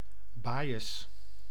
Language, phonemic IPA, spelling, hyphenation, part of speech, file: Dutch, /ˈbaː.jəs/, bajes, ba‧jes, noun, Nl-bajes.ogg
- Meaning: slammer, jail, prison